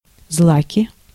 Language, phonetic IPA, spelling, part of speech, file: Russian, [ˈzɫakʲɪ], злаки, noun, Ru-злаки.ogg
- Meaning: nominative/accusative plural of злак (zlak)